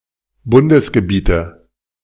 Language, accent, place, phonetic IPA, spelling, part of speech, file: German, Germany, Berlin, [ˈbʊndəsɡəˌbiːtə], Bundesgebiete, noun, De-Bundesgebiete.ogg
- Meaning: nominative/accusative/genitive plural of Bundesgebiet